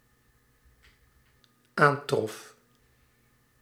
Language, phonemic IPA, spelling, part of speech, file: Dutch, /ˈantrɔf/, aantrof, verb, Nl-aantrof.ogg
- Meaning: singular dependent-clause past indicative of aantreffen